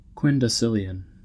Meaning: 1. 10⁴⁸ 2. 10⁹⁰
- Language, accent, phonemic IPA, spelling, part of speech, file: English, US, /ˌkwɪndəˈsɪl.i.ən/, quindecillion, numeral, En-us-quindecillion.ogg